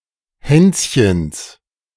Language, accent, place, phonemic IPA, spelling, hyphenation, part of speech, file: German, Germany, Berlin, /ˈhɛns.çəns/, Hänschens, Häns‧chens, proper noun, De-Hänschens.ogg
- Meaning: genitive of Hänschen